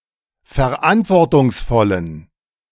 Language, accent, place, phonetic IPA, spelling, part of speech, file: German, Germany, Berlin, [fɛɐ̯ˈʔantvɔʁtʊŋsˌfɔlən], verantwortungsvollen, adjective, De-verantwortungsvollen.ogg
- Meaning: inflection of verantwortungsvoll: 1. strong genitive masculine/neuter singular 2. weak/mixed genitive/dative all-gender singular 3. strong/weak/mixed accusative masculine singular